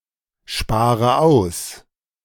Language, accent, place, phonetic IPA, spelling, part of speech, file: German, Germany, Berlin, [ˌʃpaːʁə ˈaʊ̯s], spare aus, verb, De-spare aus.ogg
- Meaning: inflection of aussparen: 1. first-person singular present 2. first/third-person singular subjunctive I 3. singular imperative